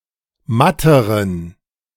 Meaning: inflection of matt: 1. strong genitive masculine/neuter singular comparative degree 2. weak/mixed genitive/dative all-gender singular comparative degree
- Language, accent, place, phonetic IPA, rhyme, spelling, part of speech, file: German, Germany, Berlin, [ˈmatəʁən], -atəʁən, matteren, adjective, De-matteren.ogg